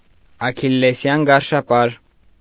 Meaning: Achilles heel
- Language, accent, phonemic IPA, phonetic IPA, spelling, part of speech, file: Armenian, Eastern Armenian, /ɑkʰilleˈsjɑn ɡɑɾʃɑˈpɑɾ/, [ɑkʰilːesjɑ́n ɡɑɾʃɑpɑ́ɾ], աքիլլեսյան գարշապար, noun, Hy-աքիլլեսյան գարշապար.ogg